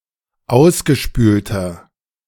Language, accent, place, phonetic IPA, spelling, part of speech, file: German, Germany, Berlin, [ˈaʊ̯sɡəˌʃpyːltɐ], ausgespülter, adjective, De-ausgespülter.ogg
- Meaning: inflection of ausgespült: 1. strong/mixed nominative masculine singular 2. strong genitive/dative feminine singular 3. strong genitive plural